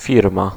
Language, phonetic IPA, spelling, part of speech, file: Polish, [ˈfʲirma], firma, noun, Pl-firma.ogg